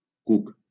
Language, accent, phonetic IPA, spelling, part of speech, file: Catalan, Valencia, [ˈkuk], cuc, noun, LL-Q7026 (cat)-cuc.wav
- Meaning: worm